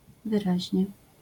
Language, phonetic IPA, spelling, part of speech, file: Polish, [vɨˈraʑɲɛ], wyraźnie, adverb, LL-Q809 (pol)-wyraźnie.wav